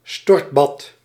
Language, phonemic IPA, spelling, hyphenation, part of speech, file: Dutch, /ˈstɔrt.bɑt/, stortbad, stort‧bad, noun, Nl-stortbad.ogg
- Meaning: 1. shower (for bathing) 2. a flush of water 3. disillusion